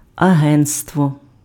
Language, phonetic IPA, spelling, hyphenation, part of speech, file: Ukrainian, [ɐˈɦɛn(t)stwɔ], агентство, агент‧ство, noun, Uk-агентство.ogg
- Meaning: agency